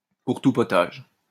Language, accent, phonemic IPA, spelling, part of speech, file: French, France, /puʁ tu pɔ.taʒ/, pour tout potage, adverb, LL-Q150 (fra)-pour tout potage.wav
- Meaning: only, altogether, all told (with the implication that it's not much)